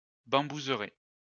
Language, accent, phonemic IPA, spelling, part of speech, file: French, France, /bɑ̃.buz.ʁɛ/, bambouseraie, noun, LL-Q150 (fra)-bambouseraie.wav
- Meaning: bamboo plantation